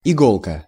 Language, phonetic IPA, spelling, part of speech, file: Russian, [ɪˈɡoɫkə], иголка, noun, Ru-иголка.ogg
- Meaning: diminutive of игла́ (iglá): needle